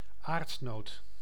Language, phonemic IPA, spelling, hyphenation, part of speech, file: Dutch, /ˈaːrt.noːt/, aardnoot, aard‧noot, noun, Nl-aardnoot.ogg
- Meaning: a peanut, a crusted legume resembling a nut and growing in the ground